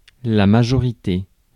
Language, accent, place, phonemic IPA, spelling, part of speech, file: French, France, Paris, /ma.ʒɔ.ʁi.te/, majorité, noun, Fr-majorité.ogg
- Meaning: 1. majority 2. adulthood, age of majority